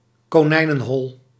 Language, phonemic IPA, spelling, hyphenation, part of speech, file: Dutch, /koːˈnɛi̯.nə(n)ˌɦɔl/, konijnenhol, ko‧nij‧nen‧hol, noun, Nl-konijnenhol.ogg
- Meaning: rabbit hole